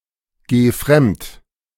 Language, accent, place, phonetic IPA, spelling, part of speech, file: German, Germany, Berlin, [ˌɡeː ˈfʁɛmt], geh fremd, verb, De-geh fremd.ogg
- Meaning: singular imperative of fremdgehen